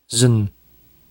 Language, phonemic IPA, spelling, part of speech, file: Dutch, /zən/, z'n, determiner, Nl-z'n.ogg
- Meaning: contraction of zijn